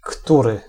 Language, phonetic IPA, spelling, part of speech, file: Polish, [ˈkturɨ], który, pronoun, Pl-który.ogg